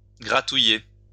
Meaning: alternative form of grattouiller
- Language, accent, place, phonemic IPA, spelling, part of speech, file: French, France, Lyon, /ɡʁa.tu.je/, gratouiller, verb, LL-Q150 (fra)-gratouiller.wav